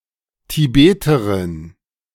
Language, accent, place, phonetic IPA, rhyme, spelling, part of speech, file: German, Germany, Berlin, [tiˈbeːtəʁɪn], -eːtəʁɪn, Tibeterin, noun, De-Tibeterin.ogg
- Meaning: a female Tibetan